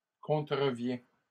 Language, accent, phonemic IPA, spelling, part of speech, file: French, Canada, /kɔ̃.tʁə.vjɛ̃/, contrevient, verb, LL-Q150 (fra)-contrevient.wav
- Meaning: third-person singular present indicative of contrevenir